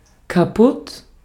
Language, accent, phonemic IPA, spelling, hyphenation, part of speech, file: German, Austria, /kaˈpʊt/, kaputt, ka‧putt, adjective, De-at-kaputt.ogg
- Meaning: 1. destroyed, broken, out of order 2. tired, exhausted